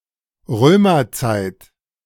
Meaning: Roman age / era
- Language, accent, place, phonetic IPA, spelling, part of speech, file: German, Germany, Berlin, [ˈʁøːmɐˌt͡saɪ̯t], Römerzeit, noun, De-Römerzeit.ogg